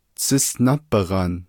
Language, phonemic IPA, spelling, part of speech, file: Navajo, /t͡sʰɪ́sʔnɑ́ pɪ̀ɣɑ̀n/, tsísʼná bighan, noun, Nv-tsísʼná bighan.ogg
- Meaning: beehive